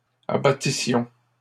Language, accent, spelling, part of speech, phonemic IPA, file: French, Canada, abattissions, verb, /a.ba.ti.sjɔ̃/, LL-Q150 (fra)-abattissions.wav
- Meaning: first-person plural imperfect subjunctive of abattre